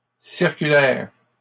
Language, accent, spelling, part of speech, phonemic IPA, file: French, Canada, circulaires, adjective, /siʁ.ky.lɛʁ/, LL-Q150 (fra)-circulaires.wav
- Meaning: plural of circulaire